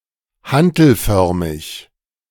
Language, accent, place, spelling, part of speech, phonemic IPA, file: German, Germany, Berlin, hantelförmig, adjective, /ˈhantl̩ˌfœʁmɪç/, De-hantelförmig.ogg
- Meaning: dumbbell-shaped